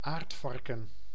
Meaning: aardvark (Orycteropus afer)
- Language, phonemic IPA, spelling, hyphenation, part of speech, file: Dutch, /ˈaːrtˌfɑr.kə(n)/, aardvarken, aard‧var‧ken, noun, Nl-aardvarken.ogg